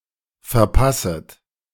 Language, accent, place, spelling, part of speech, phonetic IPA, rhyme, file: German, Germany, Berlin, verpasset, verb, [fɛɐ̯ˈpasət], -asət, De-verpasset.ogg
- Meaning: second-person plural subjunctive I of verpassen